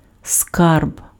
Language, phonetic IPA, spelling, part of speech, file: Ukrainian, [skarb], скарб, noun, Uk-скарб.ogg
- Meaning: a collection of valuable things (money, jewels etc.): 1. treasure 2. natural resources